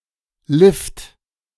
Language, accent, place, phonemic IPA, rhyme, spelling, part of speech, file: German, Germany, Berlin, /lɪft/, -ɪft, Lift, noun, De-Lift.ogg
- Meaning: 1. lift; elevator (mechanical device for vertically transporting goods or people) 2. Short for certain compounds in which Lift is not dated, especially for Skilift